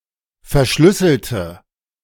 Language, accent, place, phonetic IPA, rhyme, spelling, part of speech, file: German, Germany, Berlin, [fɛɐ̯ˈʃlʏsl̩tə], -ʏsl̩tə, verschlüsselte, adjective / verb, De-verschlüsselte.ogg
- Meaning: inflection of verschlüsseln: 1. first/third-person singular preterite 2. first/third-person singular subjunctive II